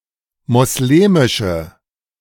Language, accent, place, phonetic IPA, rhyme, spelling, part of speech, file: German, Germany, Berlin, [mɔsˈleːmɪʃə], -eːmɪʃə, moslemische, adjective, De-moslemische.ogg
- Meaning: inflection of moslemisch: 1. strong/mixed nominative/accusative feminine singular 2. strong nominative/accusative plural 3. weak nominative all-gender singular